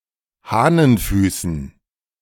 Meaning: dative plural of Hahnenfuß
- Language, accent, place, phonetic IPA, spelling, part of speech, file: German, Germany, Berlin, [ˈhaːnənˌfyːsn̩], Hahnenfüßen, noun, De-Hahnenfüßen.ogg